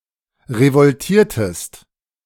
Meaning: inflection of revoltieren: 1. second-person singular preterite 2. second-person singular subjunctive II
- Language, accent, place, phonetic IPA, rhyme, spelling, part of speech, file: German, Germany, Berlin, [ʁəvɔlˈtiːɐ̯təst], -iːɐ̯təst, revoltiertest, verb, De-revoltiertest.ogg